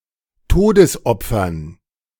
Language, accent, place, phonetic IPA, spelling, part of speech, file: German, Germany, Berlin, [ˈtoːdəsˌʔɔp͡fɐn], Todesopfern, noun, De-Todesopfern.ogg
- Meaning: dative plural of Todesopfer